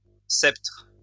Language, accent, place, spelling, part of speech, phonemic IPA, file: French, France, Lyon, sceptres, noun, /sɛptʁ/, LL-Q150 (fra)-sceptres.wav
- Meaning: plural of sceptre